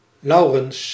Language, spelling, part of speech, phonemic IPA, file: Dutch, Laurens, proper noun, /ˈlɑu̯.rə(n)s/, Nl-Laurens.ogg
- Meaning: a male given name, equivalent to English Laurence or Lawrence